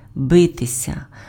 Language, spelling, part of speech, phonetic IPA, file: Ukrainian, битися, verb, [ˈbɪtesʲɐ], Uk-битися.ogg
- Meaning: 1. to fight, to struggle 2. to hit (against), to knock (against), to strike 3. to beat, to pulsate 4. to writhe, to toss about 5. to exercise oneself, to drudge, to toil 6. to break, to smash